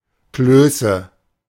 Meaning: nominative/accusative/genitive plural of Kloß
- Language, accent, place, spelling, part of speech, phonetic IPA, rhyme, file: German, Germany, Berlin, Klöße, noun, [ˈkløːsə], -øːsə, De-Klöße.ogg